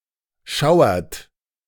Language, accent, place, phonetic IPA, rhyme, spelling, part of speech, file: German, Germany, Berlin, [ˈʃaʊ̯ɐt], -aʊ̯ɐt, schauert, verb, De-schauert.ogg
- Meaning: inflection of schauern: 1. third-person singular present 2. second-person plural present 3. plural imperative